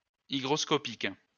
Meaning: hygroscopic
- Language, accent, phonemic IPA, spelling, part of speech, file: French, France, /i.ɡʁɔs.kɔ.pik/, hygroscopique, adjective, LL-Q150 (fra)-hygroscopique.wav